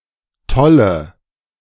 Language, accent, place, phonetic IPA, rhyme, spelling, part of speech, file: German, Germany, Berlin, [ˈtɔlə], -ɔlə, tolle, adjective / verb, De-tolle.ogg
- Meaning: inflection of toll: 1. strong/mixed nominative/accusative feminine singular 2. strong nominative/accusative plural 3. weak nominative all-gender singular 4. weak accusative feminine/neuter singular